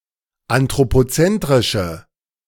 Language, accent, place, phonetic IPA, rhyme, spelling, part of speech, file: German, Germany, Berlin, [antʁopoˈt͡sɛntʁɪʃə], -ɛntʁɪʃə, anthropozentrische, adjective, De-anthropozentrische.ogg
- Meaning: inflection of anthropozentrisch: 1. strong/mixed nominative/accusative feminine singular 2. strong nominative/accusative plural 3. weak nominative all-gender singular